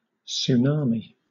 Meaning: A very large and destructive wave, generally caused by a tremendous disturbance in the ocean, such as an undersea earthquake or volcanic eruption; often a series of waves (a wave train)
- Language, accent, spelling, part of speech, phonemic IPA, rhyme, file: English, Southern England, tsunami, noun, /(t)suːˈnɑːmi/, -ɑːmi, LL-Q1860 (eng)-tsunami.wav